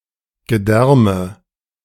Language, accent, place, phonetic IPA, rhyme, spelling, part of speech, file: German, Germany, Berlin, [ɡəˈdɛʁmə], -ɛʁmə, Gedärme, noun, De-Gedärme.ogg
- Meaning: guts, viscera